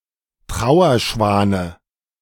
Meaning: dative of Trauerschwan
- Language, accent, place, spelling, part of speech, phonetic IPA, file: German, Germany, Berlin, Trauerschwane, noun, [ˈtʁaʊ̯ɐˌʃvaːnə], De-Trauerschwane.ogg